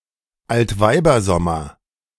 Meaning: 1. loose gossamer or cobwebs found in the air or on the ground 2. Indian summer (a stretch of warm days in autumn)
- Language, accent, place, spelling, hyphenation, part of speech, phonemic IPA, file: German, Germany, Berlin, Altweibersommer, Alt‧wei‧ber‧som‧mer, noun, /altˈvaɪ̯bɐˌzɔmɐ/, De-Altweibersommer.ogg